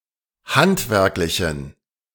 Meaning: inflection of handwerklich: 1. strong genitive masculine/neuter singular 2. weak/mixed genitive/dative all-gender singular 3. strong/weak/mixed accusative masculine singular 4. strong dative plural
- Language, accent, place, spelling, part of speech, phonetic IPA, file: German, Germany, Berlin, handwerklichen, adjective, [ˈhantvɛʁklɪçn̩], De-handwerklichen.ogg